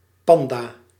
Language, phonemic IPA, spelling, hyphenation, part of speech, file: Dutch, /ˈpɑn.daː/, panda, pan‧da, noun, Nl-panda.ogg
- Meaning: 1. panda, giant panda (Ailuropoda melanoleuca) 2. red panda (Ailurus fulgens)